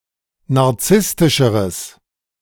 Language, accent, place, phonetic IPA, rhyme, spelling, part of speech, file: German, Germany, Berlin, [naʁˈt͡sɪstɪʃəʁəs], -ɪstɪʃəʁəs, narzisstischeres, adjective, De-narzisstischeres.ogg
- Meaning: strong/mixed nominative/accusative neuter singular comparative degree of narzisstisch